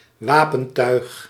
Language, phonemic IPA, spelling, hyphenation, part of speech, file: Dutch, /ˈʋaː.pə(n)ˌtœy̯x/, wapentuig, wa‧pen‧tuig, noun, Nl-wapentuig.ogg
- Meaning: military equipment, arms